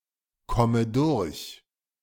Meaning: inflection of durchkommen: 1. first-person singular present 2. first/third-person singular subjunctive I 3. singular imperative
- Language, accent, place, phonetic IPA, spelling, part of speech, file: German, Germany, Berlin, [ˌkɔmə ˈdʊʁç], komme durch, verb, De-komme durch.ogg